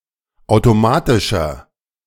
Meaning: 1. comparative degree of automatisch 2. inflection of automatisch: strong/mixed nominative masculine singular 3. inflection of automatisch: strong genitive/dative feminine singular
- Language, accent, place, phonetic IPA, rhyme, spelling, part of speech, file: German, Germany, Berlin, [ˌaʊ̯toˈmaːtɪʃɐ], -aːtɪʃɐ, automatischer, adjective, De-automatischer.ogg